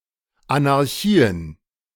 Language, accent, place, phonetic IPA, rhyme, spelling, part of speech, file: German, Germany, Berlin, [anaʁˈçiːən], -iːən, Anarchien, noun, De-Anarchien.ogg
- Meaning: plural of Anarchie